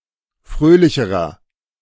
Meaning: inflection of fröhlich: 1. strong/mixed nominative masculine singular comparative degree 2. strong genitive/dative feminine singular comparative degree 3. strong genitive plural comparative degree
- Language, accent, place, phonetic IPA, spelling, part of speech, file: German, Germany, Berlin, [ˈfʁøːlɪçəʁɐ], fröhlicherer, adjective, De-fröhlicherer.ogg